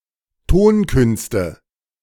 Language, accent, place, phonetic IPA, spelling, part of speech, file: German, Germany, Berlin, [ˈtoːnˌkʏnstə], Tonkünste, noun, De-Tonkünste.ogg
- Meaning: nominative/accusative/genitive plural of Tonkunst